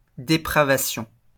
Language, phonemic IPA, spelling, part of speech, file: French, /de.pʁa.va.sjɔ̃/, dépravation, noun, LL-Q150 (fra)-dépravation.wav
- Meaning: depravity